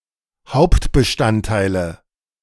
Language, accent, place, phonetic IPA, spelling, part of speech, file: German, Germany, Berlin, [ˈhaʊ̯ptbəˌʃtanttaɪ̯lə], Hauptbestandteile, noun, De-Hauptbestandteile.ogg
- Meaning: nominative/accusative/genitive plural of Hauptbestandteil